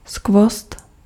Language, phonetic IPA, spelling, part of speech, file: Czech, [ˈskvost], skvost, noun, Cs-skvost.ogg
- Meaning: gem, treasure, wonder, masterpiece (something exquisite)